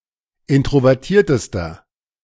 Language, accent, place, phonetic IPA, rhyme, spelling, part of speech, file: German, Germany, Berlin, [ˌɪntʁovɛʁˈtiːɐ̯təstɐ], -iːɐ̯təstɐ, introvertiertester, adjective, De-introvertiertester.ogg
- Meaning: inflection of introvertiert: 1. strong/mixed nominative masculine singular superlative degree 2. strong genitive/dative feminine singular superlative degree